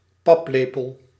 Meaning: porridge spoon
- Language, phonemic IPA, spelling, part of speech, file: Dutch, /ˈpɑpˌleː.pəl/, paplepel, noun, Nl-paplepel.ogg